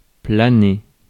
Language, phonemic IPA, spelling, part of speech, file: French, /pla.ne/, planer, verb, Fr-planer.ogg
- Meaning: 1. to glide, to hover 2. to be entranced, to be mesmerized 3. to be high 4. to be going well; to run smoothly